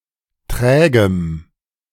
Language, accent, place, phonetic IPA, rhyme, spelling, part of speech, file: German, Germany, Berlin, [ˈtʁɛːɡəm], -ɛːɡəm, trägem, adjective, De-trägem.ogg
- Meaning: strong dative masculine/neuter singular of träge